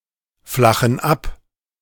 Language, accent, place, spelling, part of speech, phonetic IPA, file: German, Germany, Berlin, flachen ab, verb, [ˌflaxn̩ ˈap], De-flachen ab.ogg
- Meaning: inflection of abflachen: 1. first/third-person plural present 2. first/third-person plural subjunctive I